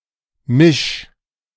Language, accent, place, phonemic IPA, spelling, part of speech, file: German, Germany, Berlin, /mɪʃ/, misch, verb, De-misch.ogg
- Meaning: 1. singular imperative of mischen 2. first-person singular present of mischen